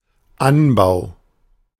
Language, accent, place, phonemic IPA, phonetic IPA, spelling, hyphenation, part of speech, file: German, Germany, Berlin, /ˈanbaʊ̯/, [ˈʔanbaʊ̯], Anbau, An‧bau, noun, De-Anbau.ogg
- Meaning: 1. cultivation 2. extension, annex